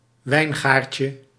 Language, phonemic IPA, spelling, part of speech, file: Dutch, /ˈwɛiŋɣarcə/, wijngaardje, noun, Nl-wijngaardje.ogg
- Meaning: diminutive of wijngaard